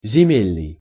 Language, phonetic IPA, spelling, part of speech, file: Russian, [zʲɪˈmʲelʲnɨj], земельный, adjective, Ru-земельный.ogg
- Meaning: land; agricultural